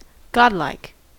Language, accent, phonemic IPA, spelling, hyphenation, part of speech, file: English, US, /ˈɡɑdlaɪk/, godlike, god‧like, adjective, En-us-godlike.ogg
- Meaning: 1. Having the characteristics of a god 2. Characteristic of a god